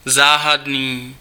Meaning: mysterious
- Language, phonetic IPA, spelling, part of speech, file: Czech, [ˈzaːɦadniː], záhadný, adjective, Cs-záhadný.ogg